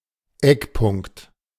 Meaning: 1. corner 2. guideline
- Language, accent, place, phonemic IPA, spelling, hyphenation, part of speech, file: German, Germany, Berlin, /ˈɛkˌpʊŋkt/, Eckpunkt, Eck‧punkt, noun, De-Eckpunkt.ogg